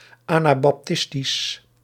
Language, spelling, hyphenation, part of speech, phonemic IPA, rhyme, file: Dutch, anabaptistisch, ana‧bap‧tis‧tisch, adjective, /ˌaː.naː.bɑpˈtɪs.tis/, -ɪstis, Nl-anabaptistisch.ogg
- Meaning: Anabaptist